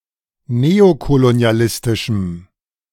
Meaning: strong dative masculine/neuter singular of neokolonialistisch
- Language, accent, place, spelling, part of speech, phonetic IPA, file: German, Germany, Berlin, neokolonialistischem, adjective, [ˈneːokoloni̯aˌlɪstɪʃm̩], De-neokolonialistischem.ogg